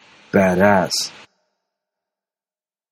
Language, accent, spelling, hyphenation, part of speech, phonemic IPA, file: English, General American, badass, bad‧ass, noun / adjective, /ˈbædˌæs/, En-us-badass.flac
- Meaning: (noun) A belligerent or mean person; a person with an unpleasantly extreme appearance, attitudes, or behavior